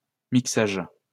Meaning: mixing (audio mixing)
- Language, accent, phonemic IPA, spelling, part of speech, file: French, France, /mik.saʒ/, mixage, noun, LL-Q150 (fra)-mixage.wav